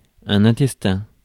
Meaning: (noun) intestine; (adjective) 1. intestinal 2. internal
- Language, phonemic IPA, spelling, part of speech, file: French, /ɛ̃.tɛs.tɛ̃/, intestin, noun / adjective, Fr-intestin.ogg